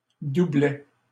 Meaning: 1. doublet 2. doublet (die with the same rolled value as another)
- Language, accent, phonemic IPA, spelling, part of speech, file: French, Canada, /du.blɛ/, doublet, noun, LL-Q150 (fra)-doublet.wav